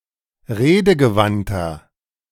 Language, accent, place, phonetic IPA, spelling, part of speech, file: German, Germany, Berlin, [ˈʁeːdəɡəˌvantɐ], redegewandter, adjective, De-redegewandter.ogg
- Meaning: 1. comparative degree of redegewandt 2. inflection of redegewandt: strong/mixed nominative masculine singular 3. inflection of redegewandt: strong genitive/dative feminine singular